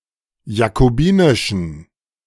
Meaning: inflection of jakobinisch: 1. strong genitive masculine/neuter singular 2. weak/mixed genitive/dative all-gender singular 3. strong/weak/mixed accusative masculine singular 4. strong dative plural
- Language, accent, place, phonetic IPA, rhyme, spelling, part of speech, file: German, Germany, Berlin, [jakoˈbiːnɪʃn̩], -iːnɪʃn̩, jakobinischen, adjective, De-jakobinischen.ogg